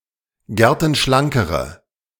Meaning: inflection of gertenschlank: 1. strong/mixed nominative/accusative feminine singular comparative degree 2. strong nominative/accusative plural comparative degree
- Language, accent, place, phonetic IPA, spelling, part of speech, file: German, Germany, Berlin, [ˈɡɛʁtn̩ˌʃlaŋkəʁə], gertenschlankere, adjective, De-gertenschlankere.ogg